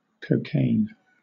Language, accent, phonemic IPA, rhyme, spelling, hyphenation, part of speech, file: English, Southern England, /kə(ʊ)ˈkeɪn/, -eɪn, cocaine, co‧caine, noun / verb, LL-Q1860 (eng)-cocaine.wav
- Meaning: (noun) An addictive drug derived from coca (Erythroxylum) or prepared synthetically, used sometimes medicinally as a local anesthetic and, often illegally, as a stimulant